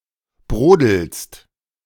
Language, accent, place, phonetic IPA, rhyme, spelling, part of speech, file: German, Germany, Berlin, [ˈbʁoːdl̩st], -oːdl̩st, brodelst, verb, De-brodelst.ogg
- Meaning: second-person singular present of brodeln